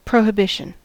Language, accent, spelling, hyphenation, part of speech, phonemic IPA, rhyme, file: English, US, prohibition, pro‧hi‧bi‧tion, noun, /ˌpɹoʊ(h)ɪˈbɪʃən/, -ɪʃən, En-us-prohibition.ogg
- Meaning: 1. An act of prohibiting, forbidding, disallowing, or proscribing something 2. A law prohibiting the manufacture or sale of alcohol